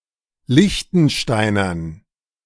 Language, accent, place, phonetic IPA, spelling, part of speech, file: German, Germany, Berlin, [ˈlɪçtn̩ˌʃtaɪ̯nɐn], Liechtensteinern, noun, De-Liechtensteinern.ogg
- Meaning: dative plural of Liechtensteiner